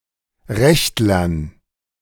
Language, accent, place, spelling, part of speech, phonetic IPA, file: German, Germany, Berlin, Rechtlern, noun, [ˈʁɛçtlɐn], De-Rechtlern.ogg
- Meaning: dative plural of Rechtler